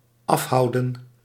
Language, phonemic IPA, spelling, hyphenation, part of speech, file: Dutch, /ˈɑfˌɦɑu̯.də(n)/, afhouden, af‧hou‧den, verb, Nl-afhouden.ogg
- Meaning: 1. to bar, to keep away 2. to avoid [with van], to avoid being involved 3. to keep one's distance, to stay at a distance